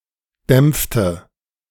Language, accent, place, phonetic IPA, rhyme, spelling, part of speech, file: German, Germany, Berlin, [ˈdɛmp͡ftə], -ɛmp͡ftə, dämpfte, verb, De-dämpfte.ogg
- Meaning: inflection of dämpfen: 1. first/third-person singular preterite 2. first/third-person singular subjunctive II